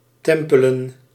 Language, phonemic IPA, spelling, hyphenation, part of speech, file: Dutch, /ˈtɛm.pələ(n)/, tempelen, tem‧pe‧len, verb / noun, Nl-tempelen.ogg
- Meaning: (verb) to go to church; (noun) plural of tempel